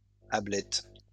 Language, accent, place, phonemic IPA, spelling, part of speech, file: French, France, Lyon, /a.blɛt/, ablettes, noun, LL-Q150 (fra)-ablettes.wav
- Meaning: plural of ablette